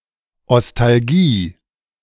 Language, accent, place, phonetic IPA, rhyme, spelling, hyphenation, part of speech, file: German, Germany, Berlin, [ɔstalˈɡiː], -iː, Ostalgie, Os‧tal‧gie, noun, De-Ostalgie.ogg
- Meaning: nostalgia for East Germany; Eastalgia